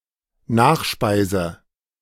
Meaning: dessert
- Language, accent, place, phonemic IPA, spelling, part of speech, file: German, Germany, Berlin, /ˈnaːxʃpaɪ̯zə/, Nachspeise, noun, De-Nachspeise.ogg